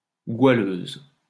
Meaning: female equivalent of goualeur
- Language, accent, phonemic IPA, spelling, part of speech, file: French, France, /ɡwa.løz/, goualeuse, noun, LL-Q150 (fra)-goualeuse.wav